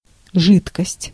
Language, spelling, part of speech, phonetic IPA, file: Russian, жидкость, noun, [ˈʐɨtkəsʲtʲ], Ru-жидкость.ogg
- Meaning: 1. liquidness 2. liquid, fluid (substance) 3. body fluid, biofluid